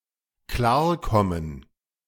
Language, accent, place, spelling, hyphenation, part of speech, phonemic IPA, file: German, Germany, Berlin, klarkommen, klar‧kom‧men, verb, /ˈklaː(ɐ̯)ˌkɔmən/, De-klarkommen.ogg
- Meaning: to cope; to come to terms, to deal with, to manage, to get along, to get on, to get by